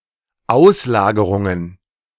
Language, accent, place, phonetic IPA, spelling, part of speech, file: German, Germany, Berlin, [ˈaʊ̯slaːɡəʁʊŋən], Auslagerungen, noun, De-Auslagerungen.ogg
- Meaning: plural of Auslagerung